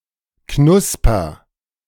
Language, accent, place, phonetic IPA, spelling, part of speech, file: German, Germany, Berlin, [ˈknʊspɐ], knusper, verb, De-knusper.ogg
- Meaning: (adjective) sane, in one's right mind (of a person); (verb) inflection of knuspern: 1. first-person singular present 2. singular imperative